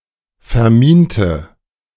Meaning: inflection of verminen: 1. first/third-person singular preterite 2. first/third-person singular subjunctive II
- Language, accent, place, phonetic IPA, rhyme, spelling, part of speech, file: German, Germany, Berlin, [fɛɐ̯ˈmiːntə], -iːntə, verminte, adjective / verb, De-verminte.ogg